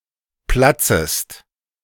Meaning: second-person singular subjunctive I of platzen
- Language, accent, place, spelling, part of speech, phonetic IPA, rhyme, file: German, Germany, Berlin, platzest, verb, [ˈplat͡səst], -at͡səst, De-platzest.ogg